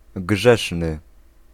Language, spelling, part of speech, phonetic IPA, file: Polish, grzeszny, adjective, [ˈɡʒɛʃnɨ], Pl-grzeszny.ogg